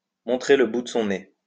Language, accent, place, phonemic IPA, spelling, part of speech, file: French, France, Lyon, /mɔ̃.tʁe l(ə) bu d(ə) sɔ̃ ne/, montrer le bout de son nez, verb, LL-Q150 (fra)-montrer le bout de son nez.wav
- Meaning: to show up